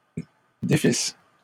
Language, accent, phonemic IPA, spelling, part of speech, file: French, Canada, /de.fis/, défisse, verb, LL-Q150 (fra)-défisse.wav
- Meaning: first-person singular imperfect subjunctive of défaire